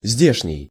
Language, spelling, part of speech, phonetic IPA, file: Russian, здешний, adjective, [ˈzʲdʲeʂnʲɪj], Ru-здешний.ogg
- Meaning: local, relating to this place (the place where the speaker is currently located)